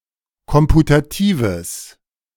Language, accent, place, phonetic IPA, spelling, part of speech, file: German, Germany, Berlin, [ˈkɔmputatiːvəs], komputatives, adjective, De-komputatives.ogg
- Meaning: strong/mixed nominative/accusative neuter singular of komputativ